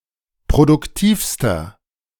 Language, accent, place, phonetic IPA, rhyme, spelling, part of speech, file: German, Germany, Berlin, [pʁodʊkˈtiːfstɐ], -iːfstɐ, produktivster, adjective, De-produktivster.ogg
- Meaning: inflection of produktiv: 1. strong/mixed nominative masculine singular superlative degree 2. strong genitive/dative feminine singular superlative degree 3. strong genitive plural superlative degree